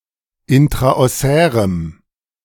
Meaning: strong dative masculine/neuter singular of intraossär
- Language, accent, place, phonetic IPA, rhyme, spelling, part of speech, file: German, Germany, Berlin, [ˌɪntʁaʔɔˈsɛːʁəm], -ɛːʁəm, intraossärem, adjective, De-intraossärem.ogg